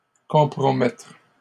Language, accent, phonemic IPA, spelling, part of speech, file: French, Canada, /kɔ̃.pʁɔ.mɛtʁ/, compromettre, verb, LL-Q150 (fra)-compromettre.wav
- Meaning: to compromise, jeopardise